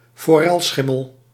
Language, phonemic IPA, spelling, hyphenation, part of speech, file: Dutch, /foːˈrɛlˌsxɪ.məl/, forelschimmel, fo‧rel‧schim‧mel, noun, Nl-forelschimmel.ogg
- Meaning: fleabitten grey, fleabitten horse (grey with a coat containing dense, reddish marks)